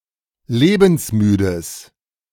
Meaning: strong/mixed nominative/accusative neuter singular of lebensmüde
- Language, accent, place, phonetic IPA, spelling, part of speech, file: German, Germany, Berlin, [ˈleːbn̩sˌmyːdəs], lebensmüdes, adjective, De-lebensmüdes.ogg